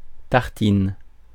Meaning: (noun) 1. tartine (a slice of bread topped with sweet or savoury spreadable food such as butter, jam, honey, cream, or sauce) 2. a screed, a ream
- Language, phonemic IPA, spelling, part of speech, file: French, /taʁ.tin/, tartine, noun / verb, Fr-tartine.ogg